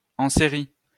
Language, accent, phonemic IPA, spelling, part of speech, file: French, France, /ɑ̃ se.ʁi/, en série, adverb, LL-Q150 (fra)-en série.wav
- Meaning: 1. in series 2. serially